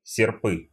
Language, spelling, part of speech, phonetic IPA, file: Russian, серпы, noun, [sʲɪrˈpɨ], Ru-серпы́.ogg
- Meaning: nominative/accusative plural of серп (serp)